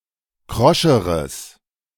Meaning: strong/mixed nominative/accusative neuter singular comparative degree of krosch
- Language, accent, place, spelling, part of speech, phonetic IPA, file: German, Germany, Berlin, kroscheres, adjective, [ˈkʁɔʃəʁəs], De-kroscheres.ogg